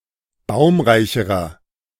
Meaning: inflection of baumreich: 1. strong/mixed nominative masculine singular comparative degree 2. strong genitive/dative feminine singular comparative degree 3. strong genitive plural comparative degree
- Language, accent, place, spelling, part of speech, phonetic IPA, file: German, Germany, Berlin, baumreicherer, adjective, [ˈbaʊ̯mʁaɪ̯çəʁɐ], De-baumreicherer.ogg